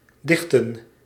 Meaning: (verb) 1. to close 2. to stop up 3. to compose a poem; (noun) plural of dicht
- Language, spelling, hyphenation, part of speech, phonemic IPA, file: Dutch, dichten, dich‧ten, verb / noun, /ˈdɪxtə(n)/, Nl-dichten.ogg